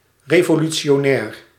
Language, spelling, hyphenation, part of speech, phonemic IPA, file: Dutch, revolutionair, re‧vo‧lu‧ti‧o‧nair, noun / adjective, /ˌreː.voː.ly.tsjoːˈnɛːr/, Nl-revolutionair.ogg
- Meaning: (noun) revolutionary